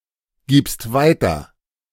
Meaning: second-person singular present of weitergeben
- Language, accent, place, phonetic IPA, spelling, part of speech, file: German, Germany, Berlin, [ˌɡiːpst ˈvaɪ̯tɐ], gibst weiter, verb, De-gibst weiter.ogg